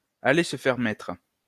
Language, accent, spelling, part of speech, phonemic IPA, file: French, France, aller se faire mettre, verb, /a.le s(ə) fɛʁ mɛtʁ/, LL-Q150 (fra)-aller se faire mettre.wav
- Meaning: to get lost, to go to hell, to go fuck oneself